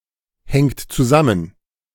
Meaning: inflection of zusammenhängen: 1. third-person singular present 2. second-person plural present 3. plural imperative
- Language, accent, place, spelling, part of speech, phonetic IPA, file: German, Germany, Berlin, hängt zusammen, verb, [ˌhɛŋt t͡suˈzamən], De-hängt zusammen.ogg